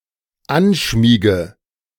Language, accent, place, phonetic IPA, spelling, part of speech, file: German, Germany, Berlin, [ˈanˌʃmiːɡə], anschmiege, verb, De-anschmiege.ogg
- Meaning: inflection of anschmiegen: 1. first-person singular dependent present 2. first/third-person singular dependent subjunctive I